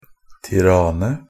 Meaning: 1. Tirana (a former district of Albania) 2. Tirana (a county of Central Albania, Albania)
- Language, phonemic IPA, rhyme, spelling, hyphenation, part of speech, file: Norwegian Bokmål, /tɪˈrɑːnə/, -ɑːnə, Tiranë, Ti‧ra‧në, proper noun, NB - Pronunciation of Norwegian Bokmål «Tiranë».ogg